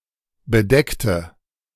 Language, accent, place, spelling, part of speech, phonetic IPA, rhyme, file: German, Germany, Berlin, bedeckte, adjective / verb, [bəˈdɛktə], -ɛktə, De-bedeckte.ogg
- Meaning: inflection of bedeckt: 1. strong/mixed nominative/accusative feminine singular 2. strong nominative/accusative plural 3. weak nominative all-gender singular 4. weak accusative feminine/neuter singular